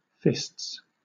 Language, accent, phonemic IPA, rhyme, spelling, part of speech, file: English, Southern England, /fɪsts/, -ɪsts, fists, noun / verb, LL-Q1860 (eng)-fists.wav
- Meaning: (noun) plural of fist; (verb) third-person singular simple present indicative of fist